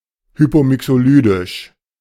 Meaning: hypomixolydian
- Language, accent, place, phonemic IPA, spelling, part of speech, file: German, Germany, Berlin, /ˈhyːpoːˌmɪksoːˌlyːdɪʃ/, hypomixolydisch, adjective, De-hypomixolydisch.ogg